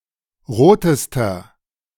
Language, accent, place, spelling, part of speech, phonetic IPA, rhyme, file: German, Germany, Berlin, rotester, adjective, [ˈʁoːtəstɐ], -oːtəstɐ, De-rotester.ogg
- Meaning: inflection of rot: 1. strong/mixed nominative masculine singular superlative degree 2. strong genitive/dative feminine singular superlative degree 3. strong genitive plural superlative degree